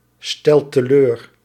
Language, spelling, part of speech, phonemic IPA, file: Dutch, stelt teleur, verb, /ˈstɛlt təˈlør/, Nl-stelt teleur.ogg
- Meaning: inflection of teleurstellen: 1. second/third-person singular present indicative 2. plural imperative